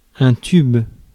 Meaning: 1. pipe 2. tube 3. a hit 4. money
- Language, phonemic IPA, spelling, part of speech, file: French, /tyb/, tube, noun, Fr-tube.ogg